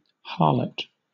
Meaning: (noun) 1. A female prostitute 2. A female who is considered promiscuous 3. A churl; a common man; a person, male or female, of low birth, especially one given to low conduct
- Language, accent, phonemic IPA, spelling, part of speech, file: English, Southern England, /ˈhɑːlət/, harlot, noun / verb / adjective, LL-Q1860 (eng)-harlot.wav